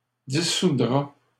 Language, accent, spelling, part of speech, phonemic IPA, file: French, Canada, dissoudra, verb, /di.su.dʁa/, LL-Q150 (fra)-dissoudra.wav
- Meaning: third-person singular simple future of dissoudre